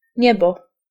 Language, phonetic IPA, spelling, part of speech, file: Polish, [ˈɲɛbɔ], niebo, noun, Pl-niebo.ogg